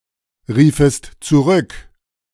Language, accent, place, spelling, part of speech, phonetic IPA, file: German, Germany, Berlin, riefest zurück, verb, [ˌʁiːfəst t͡suˈʁʏk], De-riefest zurück.ogg
- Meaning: second-person singular subjunctive II of zurückrufen